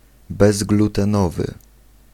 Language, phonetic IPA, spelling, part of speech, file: Polish, [ˌbɛzɡlutɛ̃ˈnɔvɨ], bezglutenowy, adjective, Pl-bezglutenowy.ogg